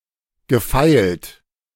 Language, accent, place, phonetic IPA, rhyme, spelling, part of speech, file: German, Germany, Berlin, [ɡəˈfaɪ̯lt], -aɪ̯lt, gefeilt, verb, De-gefeilt.ogg
- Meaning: past participle of feilen